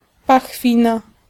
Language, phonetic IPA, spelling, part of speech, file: Polish, [paxˈfʲĩna], pachwina, noun, Pl-pachwina.ogg